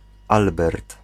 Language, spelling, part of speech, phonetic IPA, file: Polish, Albert, proper noun, [ˈalbɛrt], Pl-Albert.ogg